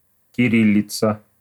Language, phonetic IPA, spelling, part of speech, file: Russian, [kʲɪˈrʲilʲɪt͡sə], кириллица, noun, Ru-кириллица.ogg
- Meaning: Cyrillic alphabet